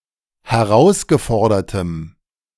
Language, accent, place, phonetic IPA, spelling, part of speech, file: German, Germany, Berlin, [hɛˈʁaʊ̯sɡəˌfɔʁdɐtəm], herausgefordertem, adjective, De-herausgefordertem.ogg
- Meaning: strong dative masculine/neuter singular of herausgefordert